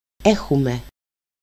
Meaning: first-person plural present of έχω (écho)
- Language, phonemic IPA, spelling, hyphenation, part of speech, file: Greek, /ˈexume/, έχουμε, έ‧χου‧με, verb, El-έχουμε.ogg